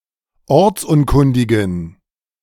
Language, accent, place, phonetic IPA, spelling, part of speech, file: German, Germany, Berlin, [ˈɔʁt͡sˌʔʊnkʊndɪɡn̩], ortsunkundigen, adjective, De-ortsunkundigen.ogg
- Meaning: inflection of ortsunkundig: 1. strong genitive masculine/neuter singular 2. weak/mixed genitive/dative all-gender singular 3. strong/weak/mixed accusative masculine singular 4. strong dative plural